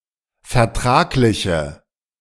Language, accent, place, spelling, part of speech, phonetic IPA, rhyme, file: German, Germany, Berlin, vertragliche, adjective, [fɛɐ̯ˈtʁaːklɪçə], -aːklɪçə, De-vertragliche.ogg
- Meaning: inflection of vertraglich: 1. strong/mixed nominative/accusative feminine singular 2. strong nominative/accusative plural 3. weak nominative all-gender singular